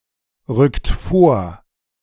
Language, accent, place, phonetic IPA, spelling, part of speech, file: German, Germany, Berlin, [ˌʁʏkt ˈfoːɐ̯], rückt vor, verb, De-rückt vor.ogg
- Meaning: inflection of vorrücken: 1. second-person plural present 2. third-person singular present 3. plural imperative